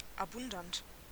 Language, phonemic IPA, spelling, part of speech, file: German, /abʊnˈdant/, abundant, adjective, De-abundant.ogg
- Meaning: abundant